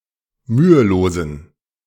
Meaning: inflection of mühelos: 1. strong genitive masculine/neuter singular 2. weak/mixed genitive/dative all-gender singular 3. strong/weak/mixed accusative masculine singular 4. strong dative plural
- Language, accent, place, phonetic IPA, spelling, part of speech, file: German, Germany, Berlin, [ˈmyːəˌloːzn̩], mühelosen, adjective, De-mühelosen.ogg